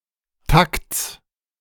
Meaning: genitive singular of Takt
- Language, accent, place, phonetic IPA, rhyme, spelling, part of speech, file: German, Germany, Berlin, [takt͡s], -akt͡s, Takts, noun, De-Takts.ogg